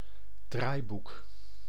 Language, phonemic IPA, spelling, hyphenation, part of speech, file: Dutch, /ˈdraːi̯.buk/, draaiboek, draai‧boek, noun, Nl-draaiboek.ogg
- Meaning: script, scenario